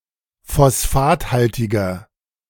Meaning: inflection of phosphathaltig: 1. strong/mixed nominative masculine singular 2. strong genitive/dative feminine singular 3. strong genitive plural
- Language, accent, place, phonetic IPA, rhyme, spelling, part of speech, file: German, Germany, Berlin, [fɔsˈfaːtˌhaltɪɡɐ], -aːthaltɪɡɐ, phosphathaltiger, adjective, De-phosphathaltiger.ogg